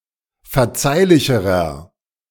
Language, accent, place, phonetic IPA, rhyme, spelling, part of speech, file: German, Germany, Berlin, [fɛɐ̯ˈt͡saɪ̯lɪçəʁɐ], -aɪ̯lɪçəʁɐ, verzeihlicherer, adjective, De-verzeihlicherer.ogg
- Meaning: inflection of verzeihlich: 1. strong/mixed nominative masculine singular comparative degree 2. strong genitive/dative feminine singular comparative degree 3. strong genitive plural comparative degree